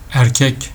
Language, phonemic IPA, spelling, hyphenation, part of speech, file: Turkish, /æɾˈcec/, erkek, er‧kek, adjective / noun, Tr tr erkek.ogg
- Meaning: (adjective) 1. male 2. manly 3. man of his word, trustable; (noun) 1. man 2. husband